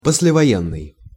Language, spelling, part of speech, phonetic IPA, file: Russian, послевоенный, adjective, [pəs⁽ʲ⁾lʲɪvɐˈjenːɨj], Ru-послевоенный.ogg
- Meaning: post-war